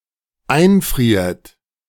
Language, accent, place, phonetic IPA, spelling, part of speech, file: German, Germany, Berlin, [ˈaɪ̯nˌfʁiːɐ̯t], einfriert, verb, De-einfriert.ogg
- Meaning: inflection of einfrieren: 1. third-person singular dependent present 2. second-person plural dependent present